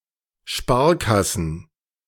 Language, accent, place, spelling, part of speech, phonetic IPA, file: German, Germany, Berlin, Sparkassen, noun, [ˈʃpaːɐ̯ˌkasn̩], De-Sparkassen.ogg
- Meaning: plural of Sparkasse